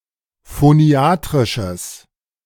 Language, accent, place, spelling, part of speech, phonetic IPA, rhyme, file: German, Germany, Berlin, phoniatrisches, adjective, [foˈni̯aːtʁɪʃəs], -aːtʁɪʃəs, De-phoniatrisches.ogg
- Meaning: strong/mixed nominative/accusative neuter singular of phoniatrisch